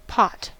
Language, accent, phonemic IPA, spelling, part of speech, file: English, US, /pɑt/, pot, noun / verb, En-us-pot.ogg
- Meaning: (noun) A flat-bottomed vessel (usually metal) used for cooking food, possibly excluding saucepans (see usage notes)